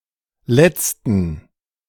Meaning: inflection of Letzter: 1. strong genitive/accusative singular 2. strong dative plural 3. weak/mixed genitive/dative/accusative singular 4. weak/mixed all-case plural
- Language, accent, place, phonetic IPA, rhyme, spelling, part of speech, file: German, Germany, Berlin, [ˈlɛt͡stn̩], -ɛt͡stn̩, Letzten, noun, De-Letzten.ogg